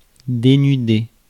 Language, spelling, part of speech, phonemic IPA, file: French, dénudé, verb, /de.ny.de/, Fr-dénudé.ogg
- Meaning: past participle of dénuder